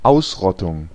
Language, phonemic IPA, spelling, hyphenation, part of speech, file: German, /ˈaʊ̯sˌʁɔtʊŋ/, Ausrottung, Aus‧rot‧tung, noun, De-Ausrottung.ogg
- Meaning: extermination; eradication; wiping out